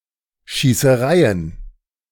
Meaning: plural of Schießerei
- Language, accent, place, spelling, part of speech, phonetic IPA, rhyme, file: German, Germany, Berlin, Schießereien, noun, [ʃiːsəˈʁaɪ̯ən], -aɪ̯ən, De-Schießereien.ogg